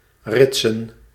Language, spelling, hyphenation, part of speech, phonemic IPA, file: Dutch, ritsen, rit‧sen, verb / noun, /ˈrɪt.sə(n)/, Nl-ritsen.ogg
- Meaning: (verb) 1. to close a zipper 2. to alternate from two sides, e.g. to put male, female, etc. candidates on an electoral list 3. to merge into a traffic queue alternatively from left and right